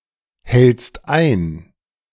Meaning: second-person singular present of einhalten
- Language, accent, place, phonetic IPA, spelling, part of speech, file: German, Germany, Berlin, [ˌhɛlt͡st ˈaɪ̯n], hältst ein, verb, De-hältst ein.ogg